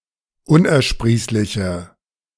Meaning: inflection of unersprießlich: 1. strong/mixed nominative/accusative feminine singular 2. strong nominative/accusative plural 3. weak nominative all-gender singular
- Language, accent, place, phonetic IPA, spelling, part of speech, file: German, Germany, Berlin, [ˈʊnʔɛɐ̯ˌʃpʁiːslɪçə], unersprießliche, adjective, De-unersprießliche.ogg